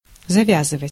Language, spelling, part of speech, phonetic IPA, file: Russian, завязывать, verb, [zɐˈvʲazɨvətʲ], Ru-завязывать.ogg
- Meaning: 1. to tie up, to fasten 2. to start, to strike up 3. to quit (a bad habit or activity)